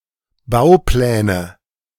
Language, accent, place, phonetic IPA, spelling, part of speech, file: German, Germany, Berlin, [ˈbaʊ̯ˌplɛːnə], Baupläne, noun, De-Baupläne.ogg
- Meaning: nominative/accusative/genitive plural of Bauplan